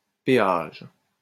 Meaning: 1. toll, payment 2. toll booth 3. paywall
- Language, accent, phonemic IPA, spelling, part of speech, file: French, France, /pe.aʒ/, péage, noun, LL-Q150 (fra)-péage.wav